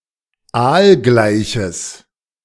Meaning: strong/mixed nominative/accusative neuter singular of aalgleich
- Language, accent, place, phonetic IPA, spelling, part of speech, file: German, Germany, Berlin, [ˈaːlˌɡlaɪ̯çəs], aalgleiches, adjective, De-aalgleiches.ogg